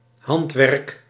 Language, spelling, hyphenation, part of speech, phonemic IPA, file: Dutch, handwerk, hand‧werk, noun, /ˈɦɑnt.ʋɛrk/, Nl-handwerk.ogg
- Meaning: handiwork